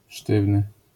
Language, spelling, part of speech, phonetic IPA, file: Polish, sztywny, adjective / noun, [ˈʃtɨvnɨ], LL-Q809 (pol)-sztywny.wav